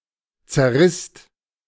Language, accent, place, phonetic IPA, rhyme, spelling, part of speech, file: German, Germany, Berlin, [t͡sɛɐ̯ˈʁɪst], -ɪst, zerrisst, verb, De-zerrisst.ogg
- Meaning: second-person singular/plural preterite of zerreißen